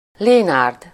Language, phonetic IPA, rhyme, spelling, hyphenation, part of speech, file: Hungarian, [ˈleːnaːrd], -aːrd, Lénárd, Lé‧nárd, proper noun, Hu-Lénárd.ogg
- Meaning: a male given name, equivalent to English Leonard